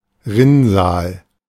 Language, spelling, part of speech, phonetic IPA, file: German, Rinnsal, noun, [ˈʁɪnˌzaːl], De-Rinnsal.oga
- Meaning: trickle